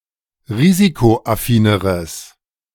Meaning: strong/mixed nominative/accusative neuter singular comparative degree of risikoaffin
- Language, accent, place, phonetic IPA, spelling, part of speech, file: German, Germany, Berlin, [ˈʁiːzikoʔaˌfiːnəʁəs], risikoaffineres, adjective, De-risikoaffineres.ogg